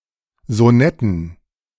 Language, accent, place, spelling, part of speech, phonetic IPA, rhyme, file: German, Germany, Berlin, Sonetten, noun, [zoˈnɛtn̩], -ɛtn̩, De-Sonetten.ogg
- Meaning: dative plural of Sonett